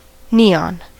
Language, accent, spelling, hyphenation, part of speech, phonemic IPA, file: English, US, neon, ne‧on, noun / adjective, /ˈniˌɑn/, En-us-neon.ogg
- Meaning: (noun) The chemical element (symbol Ne) with an atomic number of 10. The second of the noble gases, it is a colourless, odorless inert gas